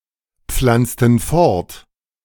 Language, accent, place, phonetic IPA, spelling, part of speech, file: German, Germany, Berlin, [ˌp͡flant͡stn̩ ˈfɔʁt], pflanzten fort, verb, De-pflanzten fort.ogg
- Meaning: inflection of fortpflanzen: 1. first/third-person plural preterite 2. first/third-person plural subjunctive II